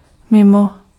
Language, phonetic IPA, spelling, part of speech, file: Czech, [ˈmɪmo], mimo, preposition, Cs-mimo.ogg
- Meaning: 1. outside of, out of 2. aside from